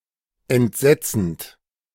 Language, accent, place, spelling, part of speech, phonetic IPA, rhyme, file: German, Germany, Berlin, entsetzend, verb, [ɛntˈzɛt͡sn̩t], -ɛt͡sn̩t, De-entsetzend.ogg
- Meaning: present participle of entsetzen